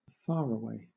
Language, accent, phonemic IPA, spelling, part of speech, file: English, Southern England, /ˈfɑɹəweɪ/, faraway, adjective / noun, LL-Q1860 (eng)-faraway.wav
- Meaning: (adjective) 1. Distant 2. Not mentally present, as when daydreaming; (noun) One who lives a great distance away